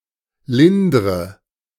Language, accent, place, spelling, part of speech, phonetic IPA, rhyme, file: German, Germany, Berlin, lindre, verb, [ˈlɪndʁə], -ɪndʁə, De-lindre.ogg
- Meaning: inflection of lindern: 1. first-person singular present 2. first/third-person singular subjunctive I 3. singular imperative